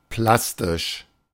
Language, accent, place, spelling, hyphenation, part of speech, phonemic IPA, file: German, Germany, Berlin, plastisch, plas‧tisch, adjective, /ˈplastɪʃ/, De-plastisch.ogg
- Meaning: three-dimensional, having or evoking depth (especially of art and depictions)